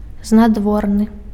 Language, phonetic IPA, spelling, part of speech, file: Belarusian, [znadˈvornɨ], знадворны, adjective, Be-знадворны.ogg
- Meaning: outer, exterior